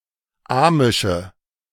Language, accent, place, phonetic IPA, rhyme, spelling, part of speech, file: German, Germany, Berlin, [ˈaːmɪʃə], -aːmɪʃə, amische, adjective, De-amische.ogg
- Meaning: inflection of amisch: 1. strong/mixed nominative/accusative feminine singular 2. strong nominative/accusative plural 3. weak nominative all-gender singular 4. weak accusative feminine/neuter singular